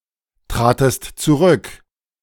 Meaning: second-person singular preterite of zurücktreten
- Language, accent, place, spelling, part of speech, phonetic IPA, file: German, Germany, Berlin, tratest zurück, verb, [ˌtʁaːtəst t͡suˈʁʏk], De-tratest zurück.ogg